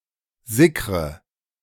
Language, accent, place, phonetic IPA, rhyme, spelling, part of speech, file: German, Germany, Berlin, [ˈzɪkʁə], -ɪkʁə, sickre, verb, De-sickre.ogg
- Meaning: inflection of sickern: 1. first-person singular present 2. first/third-person singular subjunctive I 3. singular imperative